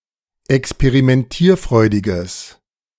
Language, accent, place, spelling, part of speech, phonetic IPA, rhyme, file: German, Germany, Berlin, experimentierfreudiges, adjective, [ɛkspeʁimɛnˈtiːɐ̯ˌfʁɔɪ̯dɪɡəs], -iːɐ̯fʁɔɪ̯dɪɡəs, De-experimentierfreudiges.ogg
- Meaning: strong/mixed nominative/accusative neuter singular of experimentierfreudig